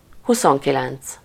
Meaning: twenty-nine
- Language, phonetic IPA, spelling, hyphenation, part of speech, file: Hungarian, [ˈhusoŋkilɛnt͡s], huszonkilenc, hu‧szon‧ki‧lenc, numeral, Hu-huszonkilenc.ogg